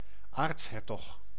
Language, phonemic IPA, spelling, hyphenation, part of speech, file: Dutch, /ˈaːrtsˌɦɛr.tɔx/, aartshertog, aarts‧her‧tog, noun, Nl-aartshertog.ogg
- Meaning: archduke